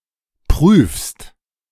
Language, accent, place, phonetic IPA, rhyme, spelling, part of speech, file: German, Germany, Berlin, [pʁyːfst], -yːfst, prüfst, verb, De-prüfst.ogg
- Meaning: second-person singular present of prüfen